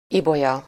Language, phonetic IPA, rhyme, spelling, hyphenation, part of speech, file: Hungarian, [ˈibojɒ], -jɒ, Ibolya, Ibo‧lya, proper noun, Hu-Ibolya.ogg
- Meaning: a female given name, equivalent to English Violet